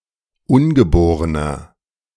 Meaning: inflection of ungeboren: 1. strong/mixed nominative masculine singular 2. strong genitive/dative feminine singular 3. strong genitive plural
- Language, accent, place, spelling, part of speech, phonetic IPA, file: German, Germany, Berlin, ungeborener, adjective, [ˈʊnɡəˌboːʁənɐ], De-ungeborener.ogg